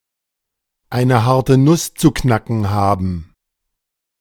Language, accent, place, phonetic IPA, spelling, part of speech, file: German, Germany, Berlin, [ˈaɪ̯nə ˈhaʁtə nʊs t͡suː ˈknakn̩ ˈhaːbn̩], eine harte Nuss zu knacken haben, verb, De-eine harte Nuss zu knacken haben.ogg
- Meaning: to have a hard nut to crack